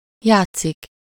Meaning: 1. to play (to engage in activities expressly for the purpose of having fun) 2. to play (to produce music using a musical instrument) 3. to play (to act out a role in a theatrical performance or film)
- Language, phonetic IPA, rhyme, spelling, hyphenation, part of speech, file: Hungarian, [ˈjaːt͡sːik], -aːt͡sːik, játszik, ját‧szik, verb, Hu-játszik.ogg